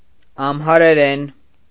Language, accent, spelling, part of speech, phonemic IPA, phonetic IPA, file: Armenian, Eastern Armenian, ամհարերեն, noun / adverb / adjective, /ɑmhɑɾeˈɾen/, [ɑmhɑɾeɾén], Hy-ամհարերեն.ogg
- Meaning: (noun) Amharic (language); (adverb) in Amharic; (adjective) Amharic (of or pertaining to the language)